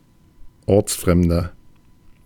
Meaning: 1. comparative degree of ortsfremd 2. inflection of ortsfremd: strong/mixed nominative masculine singular 3. inflection of ortsfremd: strong genitive/dative feminine singular
- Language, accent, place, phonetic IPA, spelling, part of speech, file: German, Germany, Berlin, [ˈɔʁt͡sˌfʁɛmdɐ], ortsfremder, adjective, De-ortsfremder.ogg